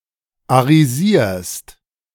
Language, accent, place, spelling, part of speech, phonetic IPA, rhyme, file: German, Germany, Berlin, arisierst, verb, [aʁiˈziːɐ̯st], -iːɐ̯st, De-arisierst.ogg
- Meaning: second-person singular present of arisieren